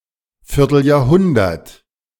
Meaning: quarter-century, 25 years
- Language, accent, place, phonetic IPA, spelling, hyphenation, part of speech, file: German, Germany, Berlin, [ˌfɪʁtl̩jaːɐ̯ˈhʊndɐt], Vierteljahrhundert, Vier‧tel‧jahr‧hun‧dert, noun, De-Vierteljahrhundert.ogg